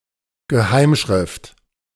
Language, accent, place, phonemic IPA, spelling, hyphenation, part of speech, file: German, Germany, Berlin, /ɡəˈhaɪ̯mˌʃʁɪft/, Geheimschrift, Ge‧heim‧schrift, noun, De-Geheimschrift.ogg
- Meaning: cypher (secret font)